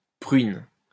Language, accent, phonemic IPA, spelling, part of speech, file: French, France, /pʁɥin/, pruine, noun, LL-Q150 (fra)-pruine.wav
- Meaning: bloom (powdery coating)